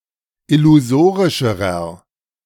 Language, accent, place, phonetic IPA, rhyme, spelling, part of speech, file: German, Germany, Berlin, [ɪluˈzoːʁɪʃəʁɐ], -oːʁɪʃəʁɐ, illusorischerer, adjective, De-illusorischerer.ogg
- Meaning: inflection of illusorisch: 1. strong/mixed nominative masculine singular comparative degree 2. strong genitive/dative feminine singular comparative degree 3. strong genitive plural comparative degree